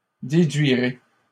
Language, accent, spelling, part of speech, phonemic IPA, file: French, Canada, déduirez, verb, /de.dɥi.ʁe/, LL-Q150 (fra)-déduirez.wav
- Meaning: second-person plural simple future of déduire